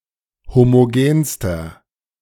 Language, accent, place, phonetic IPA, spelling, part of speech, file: German, Germany, Berlin, [ˌhomoˈɡeːnstɐ], homogenster, adjective, De-homogenster.ogg
- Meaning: inflection of homogen: 1. strong/mixed nominative masculine singular superlative degree 2. strong genitive/dative feminine singular superlative degree 3. strong genitive plural superlative degree